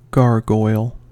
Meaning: 1. A carved grotesque figure on a spout which conveys water away from the gutters 2. Any decorative carved grotesque figure on a building 3. A fictional winged monster 4. An ugly woman
- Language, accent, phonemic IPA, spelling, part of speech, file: English, US, /ˈɡɑɹɡɔɪl/, gargoyle, noun, En-us-gargoyle.ogg